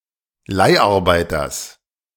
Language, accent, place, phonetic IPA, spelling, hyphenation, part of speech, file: German, Germany, Berlin, [ˈlaɪ̯ʔaʁˌbaɪ̯tɐs], Leiharbeiters, Leih‧ar‧bei‧ters, noun, De-Leiharbeiters.ogg
- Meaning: genitive singular of Leiharbeiter